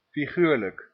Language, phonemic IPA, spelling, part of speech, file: Dutch, /fiˈɣyːrlək/, figuurlijk, adjective, Nl-figuurlijk.ogg
- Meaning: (adjective) figurative; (adverb) figuratively